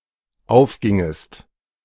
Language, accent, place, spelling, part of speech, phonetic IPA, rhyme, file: German, Germany, Berlin, aufgingest, verb, [ˈaʊ̯fˌɡɪŋəst], -aʊ̯fɡɪŋəst, De-aufgingest.ogg
- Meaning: second-person singular dependent subjunctive II of aufgehen